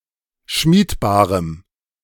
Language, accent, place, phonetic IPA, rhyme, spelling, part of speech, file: German, Germany, Berlin, [ˈʃmiːtˌbaːʁəm], -iːtbaːʁəm, schmiedbarem, adjective, De-schmiedbarem.ogg
- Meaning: strong dative masculine/neuter singular of schmiedbar